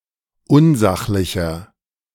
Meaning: 1. comparative degree of unsachlich 2. inflection of unsachlich: strong/mixed nominative masculine singular 3. inflection of unsachlich: strong genitive/dative feminine singular
- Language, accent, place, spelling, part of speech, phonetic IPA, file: German, Germany, Berlin, unsachlicher, adjective, [ˈʊnˌzaxlɪçɐ], De-unsachlicher.ogg